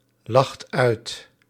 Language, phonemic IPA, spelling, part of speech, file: Dutch, /ˈlɑxt ˈœyt/, lacht uit, verb, Nl-lacht uit.ogg
- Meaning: inflection of uitlachen: 1. second/third-person singular present indicative 2. plural imperative